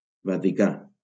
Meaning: Vatican City (a city-state in Southern Europe, an enclave within the city of Rome, Italy)
- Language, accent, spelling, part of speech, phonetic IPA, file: Catalan, Valencia, Vaticà, proper noun, [va.tiˈka], LL-Q7026 (cat)-Vaticà.wav